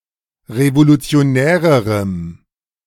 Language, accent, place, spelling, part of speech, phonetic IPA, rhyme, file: German, Germany, Berlin, revolutionärerem, adjective, [ʁevolut͡si̯oˈnɛːʁəʁəm], -ɛːʁəʁəm, De-revolutionärerem.ogg
- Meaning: strong dative masculine/neuter singular comparative degree of revolutionär